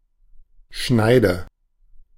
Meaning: 1. sharp edge 2. sawgrass
- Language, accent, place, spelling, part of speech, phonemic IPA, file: German, Germany, Berlin, Schneide, noun, /ˈʃnaɪ̯də/, De-Schneide.ogg